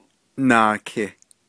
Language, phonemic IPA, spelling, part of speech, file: Navajo, /nɑ̀ːkʰɪ̀/, naaki, numeral, Nv-naaki.ogg
- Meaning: two